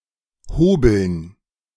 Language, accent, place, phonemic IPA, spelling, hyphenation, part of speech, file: German, Germany, Berlin, /ˈhoːbəln/, hobeln, ho‧beln, verb, De-hobeln.ogg
- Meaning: 1. to plane 2. to slice